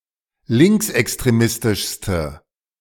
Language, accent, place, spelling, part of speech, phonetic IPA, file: German, Germany, Berlin, linksextremistischste, adjective, [ˈlɪŋksʔɛkstʁeˌmɪstɪʃstə], De-linksextremistischste.ogg
- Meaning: inflection of linksextremistisch: 1. strong/mixed nominative/accusative feminine singular superlative degree 2. strong nominative/accusative plural superlative degree